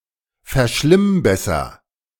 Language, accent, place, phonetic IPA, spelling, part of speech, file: German, Germany, Berlin, [fɛɐ̯ˈʃlɪmˌbɛsɐ], verschlimmbesser, verb, De-verschlimmbesser.ogg
- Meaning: inflection of verschlimmbessern: 1. first-person singular present 2. singular imperative